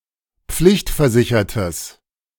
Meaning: strong/mixed nominative/accusative neuter singular of pflichtversichert
- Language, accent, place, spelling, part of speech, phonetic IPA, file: German, Germany, Berlin, pflichtversichertes, adjective, [ˈp͡flɪçtfɛɐ̯ˌzɪçɐtəs], De-pflichtversichertes.ogg